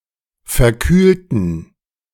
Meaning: inflection of verkühlen: 1. first/third-person plural preterite 2. first/third-person plural subjunctive II
- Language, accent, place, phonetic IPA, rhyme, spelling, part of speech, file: German, Germany, Berlin, [fɛɐ̯ˈkyːltn̩], -yːltn̩, verkühlten, adjective / verb, De-verkühlten.ogg